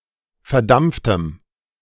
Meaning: strong dative masculine/neuter singular of verdampft
- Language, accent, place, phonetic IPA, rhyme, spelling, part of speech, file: German, Germany, Berlin, [fɛɐ̯ˈdamp͡ftəm], -amp͡ftəm, verdampftem, adjective, De-verdampftem.ogg